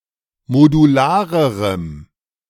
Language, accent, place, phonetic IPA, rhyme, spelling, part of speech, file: German, Germany, Berlin, [moduˈlaːʁəʁəm], -aːʁəʁəm, modularerem, adjective, De-modularerem.ogg
- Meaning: strong dative masculine/neuter singular comparative degree of modular